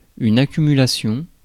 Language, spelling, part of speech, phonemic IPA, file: French, accumulation, noun, /a.ky.my.la.sjɔ̃/, Fr-accumulation.ogg
- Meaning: 1. accumulation (action of accumulating) 2. accumulation (result of accumulating)